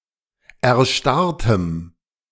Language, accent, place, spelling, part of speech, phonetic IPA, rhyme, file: German, Germany, Berlin, erstarrtem, adjective, [ɛɐ̯ˈʃtaʁtəm], -aʁtəm, De-erstarrtem.ogg
- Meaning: strong dative masculine/neuter singular of erstarrt